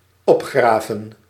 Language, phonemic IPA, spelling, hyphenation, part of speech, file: Dutch, /ˈɔpˌxraːvə(n)/, opgraven, op‧gra‧ven, verb, Nl-opgraven.ogg
- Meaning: to dig up, to excavate, to disinter